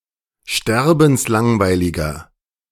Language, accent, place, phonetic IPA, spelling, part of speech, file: German, Germany, Berlin, [ˈʃtɛʁbn̩sˌlaŋvaɪ̯lɪɡɐ], sterbenslangweiliger, adjective, De-sterbenslangweiliger.ogg
- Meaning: inflection of sterbenslangweilig: 1. strong/mixed nominative masculine singular 2. strong genitive/dative feminine singular 3. strong genitive plural